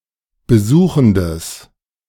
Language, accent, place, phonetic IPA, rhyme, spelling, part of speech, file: German, Germany, Berlin, [bəˈzuːxn̩dəs], -uːxn̩dəs, besuchendes, adjective, De-besuchendes.ogg
- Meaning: strong/mixed nominative/accusative neuter singular of besuchend